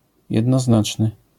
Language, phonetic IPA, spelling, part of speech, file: Polish, [ˌjɛdnɔˈznat͡ʃnɨ], jednoznaczny, adjective, LL-Q809 (pol)-jednoznaczny.wav